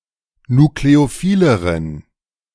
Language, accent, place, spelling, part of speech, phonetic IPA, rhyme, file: German, Germany, Berlin, nukleophileren, adjective, [nukleoˈfiːləʁən], -iːləʁən, De-nukleophileren.ogg
- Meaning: inflection of nukleophil: 1. strong genitive masculine/neuter singular comparative degree 2. weak/mixed genitive/dative all-gender singular comparative degree